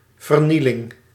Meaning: destruction
- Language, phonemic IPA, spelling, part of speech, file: Dutch, /vər.ˈni.lɪŋ/, vernieling, noun, Nl-vernieling.ogg